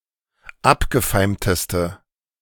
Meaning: inflection of abgefeimt: 1. strong/mixed nominative/accusative feminine singular superlative degree 2. strong nominative/accusative plural superlative degree
- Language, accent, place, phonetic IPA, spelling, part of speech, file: German, Germany, Berlin, [ˈapɡəˌfaɪ̯mtəstə], abgefeimteste, adjective, De-abgefeimteste.ogg